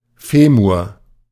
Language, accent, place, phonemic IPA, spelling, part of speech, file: German, Germany, Berlin, /ˈfeːmʊʁ/, Femur, noun, De-Femur.ogg
- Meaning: 1. femur (thighbone) 2. femur (segment of insect's leg)